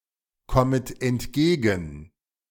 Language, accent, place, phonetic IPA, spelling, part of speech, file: German, Germany, Berlin, [ˌkɔmət ɛntˈɡeːɡn̩], kommet entgegen, verb, De-kommet entgegen.ogg
- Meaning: second-person plural subjunctive I of entgegenkommen